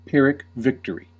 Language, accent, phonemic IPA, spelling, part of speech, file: English, US, /ˌpɪɹ.ɪk ˈvɪk.t(ə)ɹ.i/, Pyrrhic victory, noun, En-us-Pyrrhic victory.ogg
- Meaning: A very costly victory, wherein the considerable losses outweigh the gain, so as to render the struggle not worth the cost